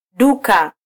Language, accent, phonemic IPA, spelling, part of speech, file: Swahili, Kenya, /ˈɗu.kɑ/, duka, noun, Sw-ke-duka.flac
- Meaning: shop (establishment that sells goods)